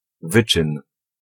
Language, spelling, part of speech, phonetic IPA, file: Polish, wyczyn, noun, [ˈvɨt͡ʃɨ̃n], Pl-wyczyn.ogg